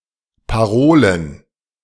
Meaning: plural of Parole
- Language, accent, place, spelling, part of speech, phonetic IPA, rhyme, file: German, Germany, Berlin, Parolen, noun, [paˈʁoːlən], -oːlən, De-Parolen.ogg